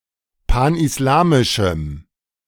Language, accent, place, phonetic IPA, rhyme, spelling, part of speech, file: German, Germany, Berlin, [ˌpanʔɪsˈlaːmɪʃm̩], -aːmɪʃm̩, panislamischem, adjective, De-panislamischem.ogg
- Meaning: strong dative masculine/neuter singular of panislamisch